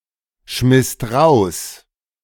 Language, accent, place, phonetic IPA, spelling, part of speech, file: German, Germany, Berlin, [ˌʃmɪst ˈʁaʊ̯s], schmisst raus, verb, De-schmisst raus.ogg
- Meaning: second-person singular/plural preterite of rausschmeißen